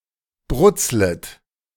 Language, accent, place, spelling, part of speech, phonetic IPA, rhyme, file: German, Germany, Berlin, brutzlet, verb, [ˈbʁʊt͡slət], -ʊt͡slət, De-brutzlet.ogg
- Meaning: second-person plural subjunctive I of brutzeln